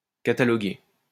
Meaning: 1. to catalogue 2. to pigeonhole
- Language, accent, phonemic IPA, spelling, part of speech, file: French, France, /ka.ta.lɔ.ɡe/, cataloguer, verb, LL-Q150 (fra)-cataloguer.wav